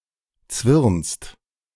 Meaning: second-person singular present of zwirnen
- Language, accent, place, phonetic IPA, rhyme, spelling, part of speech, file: German, Germany, Berlin, [t͡svɪʁnst], -ɪʁnst, zwirnst, verb, De-zwirnst.ogg